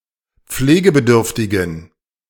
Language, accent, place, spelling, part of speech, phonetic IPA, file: German, Germany, Berlin, pflegebedürftigen, adjective, [ˈp͡fleːɡəbəˌdʏʁftɪɡn̩], De-pflegebedürftigen.ogg
- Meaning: inflection of pflegebedürftig: 1. strong genitive masculine/neuter singular 2. weak/mixed genitive/dative all-gender singular 3. strong/weak/mixed accusative masculine singular 4. strong dative plural